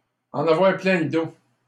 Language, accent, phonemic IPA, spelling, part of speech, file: French, Canada, /ɑ̃.n‿a.vwaʁ plɛ̃ l(ə) do/, en avoir plein le dos, verb, LL-Q150 (fra)-en avoir plein le dos.wav
- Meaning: 1. to be extenuated by or after a hard manual work 2. to be sick to death of, to be fed up to the back teeth with